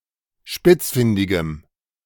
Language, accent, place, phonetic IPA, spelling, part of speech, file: German, Germany, Berlin, [ˈʃpɪt͡sˌfɪndɪɡəm], spitzfindigem, adjective, De-spitzfindigem.ogg
- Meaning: strong dative masculine/neuter singular of spitzfindig